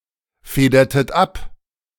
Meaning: inflection of abfedern: 1. second-person plural preterite 2. second-person plural subjunctive II
- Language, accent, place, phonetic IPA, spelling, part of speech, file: German, Germany, Berlin, [ˌfeːdɐtət ˈap], federtet ab, verb, De-federtet ab.ogg